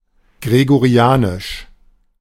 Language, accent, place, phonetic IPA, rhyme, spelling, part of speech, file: German, Germany, Berlin, [ɡʁeɡoˈʁi̯aːnɪʃ], -aːnɪʃ, gregorianisch, adjective, De-gregorianisch.ogg
- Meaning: Gregorian